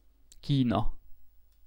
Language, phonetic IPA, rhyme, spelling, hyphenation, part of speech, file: Hungarian, [ˈkiːnɒ], -nɒ, Kína, Kí‧na, proper noun, Hu-Kína.ogg
- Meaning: China (a cultural region and civilization in East Asia, occupying the region around the Yellow, Yangtze, and Pearl Rivers, taken as a whole under its various dynasties)